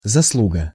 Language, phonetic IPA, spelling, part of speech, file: Russian, [zɐsˈɫuɡə], заслуга, noun, Ru-заслуга.ogg
- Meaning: 1. merit, desert 2. service